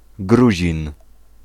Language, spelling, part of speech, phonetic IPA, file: Polish, Gruzin, noun, [ˈɡruʑĩn], Pl-Gruzin.ogg